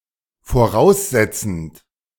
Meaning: present participle of voraussetzen
- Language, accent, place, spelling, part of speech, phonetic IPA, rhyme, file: German, Germany, Berlin, voraussetzend, verb, [foˈʁaʊ̯sˌzɛt͡sn̩t], -aʊ̯szɛt͡sn̩t, De-voraussetzend.ogg